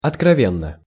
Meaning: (adverb) frankly, candidly, openly; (adjective) short neuter singular of открове́нный (otkrovénnyj)
- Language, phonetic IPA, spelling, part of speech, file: Russian, [ɐtkrɐˈvʲenːə], откровенно, adverb / adjective, Ru-откровенно.ogg